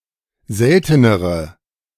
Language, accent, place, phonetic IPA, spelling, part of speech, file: German, Germany, Berlin, [ˈzɛltənəʁə], seltenere, adjective, De-seltenere.ogg
- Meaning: inflection of selten: 1. strong/mixed nominative/accusative feminine singular comparative degree 2. strong nominative/accusative plural comparative degree